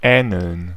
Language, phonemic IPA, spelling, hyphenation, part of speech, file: German, /ˈɛːnəln/, ähneln, äh‧neln, verb, De-ähneln.ogg
- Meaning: [with dative] to resemble, be or look similar to